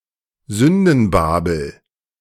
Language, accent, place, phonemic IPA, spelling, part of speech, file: German, Germany, Berlin, /ˈzʏndənˌbaːbəl/, Sündenbabel, noun, De-Sündenbabel.ogg
- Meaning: a place rife with hedonism or sin, particularly of sexual nature; sink of iniquity